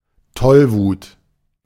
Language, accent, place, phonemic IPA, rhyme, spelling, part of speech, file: German, Germany, Berlin, /ˈtɔlvuːt/, -uːt, Tollwut, noun, De-Tollwut.ogg
- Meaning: rabies